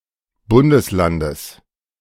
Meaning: genitive singular of Bundesland
- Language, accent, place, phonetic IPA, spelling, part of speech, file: German, Germany, Berlin, [ˈbʊndəsˌlandəs], Bundeslandes, noun, De-Bundeslandes.ogg